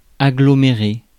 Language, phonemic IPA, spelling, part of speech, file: French, /a.ɡlɔ.me.ʁe/, aggloméré, noun, Fr-aggloméré.ogg
- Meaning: masonite